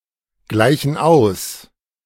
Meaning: inflection of ausgleichen: 1. first/third-person plural present 2. first/third-person plural subjunctive I
- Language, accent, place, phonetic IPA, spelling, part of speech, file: German, Germany, Berlin, [ˌɡlaɪ̯çn̩ ˈaʊ̯s], gleichen aus, verb, De-gleichen aus.ogg